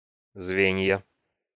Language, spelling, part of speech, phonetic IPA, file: Russian, звенья, noun, [ˈzvʲenʲjə], Ru-звенья.ogg
- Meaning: nominative/accusative plural of звено́ (zvenó)